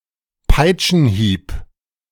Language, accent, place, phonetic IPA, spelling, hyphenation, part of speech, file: German, Germany, Berlin, [ˈpaɪ̯t͡ʃn̩ˌhiːp], Peitschenhieb, Peit‧schen‧hieb, noun, De-Peitschenhieb.ogg
- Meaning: lash (from a whip)